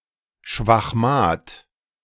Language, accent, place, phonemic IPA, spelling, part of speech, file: German, Germany, Berlin, /ʃvaxˈmaːt/, Schwachmat, noun, De-Schwachmat.ogg
- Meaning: someone with intellectual or bodily deficiencies: 1. moron, idiot 2. weakling, chicken